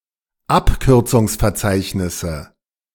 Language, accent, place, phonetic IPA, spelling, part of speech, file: German, Germany, Berlin, [ˈapkʏʁt͡sʊŋsfɛɐ̯ˌt͡saɪ̯çnɪsə], Abkürzungsverzeichnisse, noun, De-Abkürzungsverzeichnisse.ogg
- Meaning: nominative/accusative/genitive plural of Abkürzungsverzeichnis